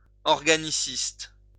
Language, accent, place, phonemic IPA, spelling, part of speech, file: French, France, Lyon, /ɔʁ.ɡa.ni.sist/, organiciste, adjective, LL-Q150 (fra)-organiciste.wav
- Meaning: organicist